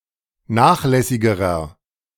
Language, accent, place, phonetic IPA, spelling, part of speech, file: German, Germany, Berlin, [ˈnaːxˌlɛsɪɡəʁɐ], nachlässigerer, adjective, De-nachlässigerer.ogg
- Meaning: inflection of nachlässig: 1. strong/mixed nominative masculine singular comparative degree 2. strong genitive/dative feminine singular comparative degree 3. strong genitive plural comparative degree